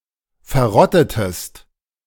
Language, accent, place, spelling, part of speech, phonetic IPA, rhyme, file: German, Germany, Berlin, verrottetest, verb, [fɛɐ̯ˈʁɔtətəst], -ɔtətəst, De-verrottetest.ogg
- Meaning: inflection of verrotten: 1. second-person singular preterite 2. second-person singular subjunctive II